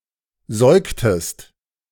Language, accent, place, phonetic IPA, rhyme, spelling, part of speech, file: German, Germany, Berlin, [ˈzɔɪ̯ktəst], -ɔɪ̯ktəst, säugtest, verb, De-säugtest.ogg
- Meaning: inflection of säugen: 1. second-person singular preterite 2. second-person singular subjunctive II